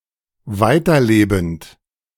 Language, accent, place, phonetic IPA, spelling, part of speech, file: German, Germany, Berlin, [ˈvaɪ̯tɐˌleːbn̩t], weiterlebend, verb, De-weiterlebend.ogg
- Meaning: present participle of weiterleben